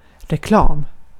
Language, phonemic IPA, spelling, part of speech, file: Swedish, /rɛˈklɑːm/, reklam, noun, Sv-reklam.ogg
- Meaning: advertisement (commercial solicitation)